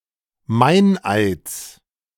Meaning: genitive singular of Meineid
- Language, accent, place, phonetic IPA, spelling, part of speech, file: German, Germany, Berlin, [ˈmaɪ̯nˌʔaɪ̯t͡s], Meineids, noun, De-Meineids.ogg